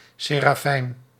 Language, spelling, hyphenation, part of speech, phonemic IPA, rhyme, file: Dutch, serafijn, se‧ra‧fijn, noun, /ˌseː.raːˈfɛi̯n/, -ɛi̯n, Nl-serafijn.ogg
- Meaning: 1. seraph: uraeus-like angel 2. seraph: humanoid angel of the highest rank 3. Term of endearment for a child